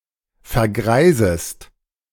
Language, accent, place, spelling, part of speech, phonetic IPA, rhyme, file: German, Germany, Berlin, vergreisest, verb, [fɛɐ̯ˈɡʁaɪ̯zəst], -aɪ̯zəst, De-vergreisest.ogg
- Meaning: second-person singular subjunctive I of vergreisen